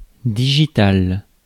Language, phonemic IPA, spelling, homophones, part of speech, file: French, /di.ʒi.tal/, digitale, digital / digitales, adjective / noun, Fr-digitale.ogg
- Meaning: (adjective) feminine singular of digital; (noun) 1. digitalis 2. foxglove